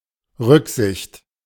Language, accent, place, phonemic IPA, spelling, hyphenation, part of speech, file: German, Germany, Berlin, /ˈʁʏkzɪçt/, Rücksicht, Rück‧sicht, noun, De-Rücksicht.ogg
- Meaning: consideration (the tendency to consider others)